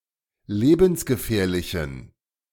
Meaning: inflection of lebensgefährlich: 1. strong genitive masculine/neuter singular 2. weak/mixed genitive/dative all-gender singular 3. strong/weak/mixed accusative masculine singular
- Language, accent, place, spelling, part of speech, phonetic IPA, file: German, Germany, Berlin, lebensgefährlichen, adjective, [ˈleːbn̩sɡəˌfɛːɐ̯lɪçn̩], De-lebensgefährlichen.ogg